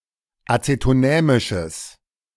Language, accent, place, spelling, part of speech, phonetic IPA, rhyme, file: German, Germany, Berlin, acetonämisches, adjective, [ˌat͡setoˈnɛːmɪʃəs], -ɛːmɪʃəs, De-acetonämisches.ogg
- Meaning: strong/mixed nominative/accusative neuter singular of acetonämisch